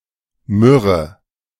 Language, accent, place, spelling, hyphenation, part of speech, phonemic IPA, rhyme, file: German, Germany, Berlin, Myrrhe, Myr‧rhe, noun, /ˈmʏʁə/, -ʏʁə, De-Myrrhe.ogg
- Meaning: myrrh